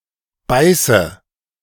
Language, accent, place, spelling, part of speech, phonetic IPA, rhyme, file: German, Germany, Berlin, beiße, verb, [ˈbaɪ̯sə], -aɪ̯sə, De-beiße.ogg
- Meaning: inflection of beißen: 1. first-person singular present 2. first/third-person singular subjunctive I 3. singular imperative